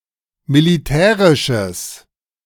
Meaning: strong/mixed nominative/accusative neuter singular of militärisch
- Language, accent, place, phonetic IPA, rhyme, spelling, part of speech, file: German, Germany, Berlin, [miliˈtɛːʁɪʃəs], -ɛːʁɪʃəs, militärisches, adjective, De-militärisches.ogg